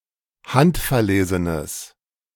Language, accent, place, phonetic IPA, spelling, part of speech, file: German, Germany, Berlin, [ˈhantfɛɐ̯ˌleːzənəs], handverlesenes, adjective, De-handverlesenes.ogg
- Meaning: strong/mixed nominative/accusative neuter singular of handverlesen